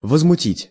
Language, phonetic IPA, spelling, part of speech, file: Russian, [vəzmʊˈtʲitʲ], возмутить, verb, Ru-возмутить.ogg
- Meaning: to outrage, to anger, to make indignant, to trouble